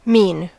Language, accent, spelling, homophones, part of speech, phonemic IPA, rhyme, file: English, US, mean, mene / mien / mesne, verb / adjective / noun, /min/, -iːn, En-us-mean.ogg
- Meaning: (verb) To intend.: 1. To intend, to plan (to do); to have as one's intention 2. To have as intentions of a given kind 3. To intend (something) for a given purpose or fate; to predestine